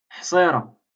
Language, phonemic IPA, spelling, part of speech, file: Moroccan Arabic, /ħsˤiː.ra/, حصيرة, noun, LL-Q56426 (ary)-حصيرة.wav
- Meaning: mat